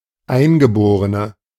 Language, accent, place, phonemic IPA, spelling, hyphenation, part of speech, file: German, Germany, Berlin, /ˈaɪ̯nɡəˌboːʁənə/, Eingeborene, Ein‧ge‧bo‧re‧ne, noun, De-Eingeborene.ogg
- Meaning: 1. female equivalent of Eingeborener: female Aboriginal 2. inflection of Eingeborener: strong nominative/accusative plural 3. inflection of Eingeborener: weak nominative singular